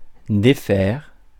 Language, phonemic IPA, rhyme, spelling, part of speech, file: French, /de.fɛʁ/, -ɛʁ, défaire, verb, Fr-défaire.ogg
- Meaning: 1. to take down, take apart, dismantle, unpack (luggage) 2. to undo, unfasten, unwind 3. to break, break up, unmake 4. to defeat, conquer 5. to come undone, fall apart, disintegrate 6. to part with